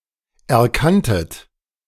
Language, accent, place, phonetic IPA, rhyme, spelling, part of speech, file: German, Germany, Berlin, [ɛɐ̯ˈkantət], -antət, erkanntet, verb, De-erkanntet.ogg
- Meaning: second-person plural preterite of erkennen